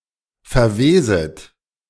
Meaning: second-person plural subjunctive I of verwesen
- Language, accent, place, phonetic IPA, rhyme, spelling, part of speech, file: German, Germany, Berlin, [fɛɐ̯ˈveːzət], -eːzət, verweset, verb, De-verweset.ogg